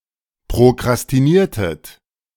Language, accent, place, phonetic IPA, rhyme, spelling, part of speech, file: German, Germany, Berlin, [pʁokʁastiˈniːɐ̯tət], -iːɐ̯tət, prokrastiniertet, verb, De-prokrastiniertet.ogg
- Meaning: inflection of prokrastinieren: 1. second-person plural preterite 2. second-person plural subjunctive II